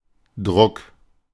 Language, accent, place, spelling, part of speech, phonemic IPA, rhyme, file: German, Germany, Berlin, Druck, noun, /dʁʊk/, -ʊk, De-Druck.ogg
- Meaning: 1. pressure 2. fix (drug injection) 3. print, printing (the process of printing) 4. print (a piece created by such a process)